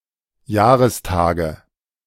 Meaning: nominative/accusative/genitive plural of Jahrestag
- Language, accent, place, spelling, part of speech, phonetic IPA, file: German, Germany, Berlin, Jahrestage, noun, [ˈjaːʁəsˌtaːɡə], De-Jahrestage.ogg